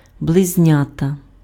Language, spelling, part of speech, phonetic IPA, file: Ukrainian, близнята, noun, [bɫezʲˈnʲatɐ], Uk-близнята.ogg
- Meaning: twins